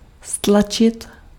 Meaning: 1. to compress, to squeeze 2. to press (to apply pressure to an item) 3. to push down, to drive down, to reduce
- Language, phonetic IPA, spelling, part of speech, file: Czech, [ˈstlat͡ʃɪt], stlačit, verb, Cs-stlačit.ogg